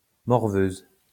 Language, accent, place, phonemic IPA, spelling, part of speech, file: French, France, Lyon, /mɔʁ.vøz/, morveuse, noun, LL-Q150 (fra)-morveuse.wav
- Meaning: female equivalent of morveux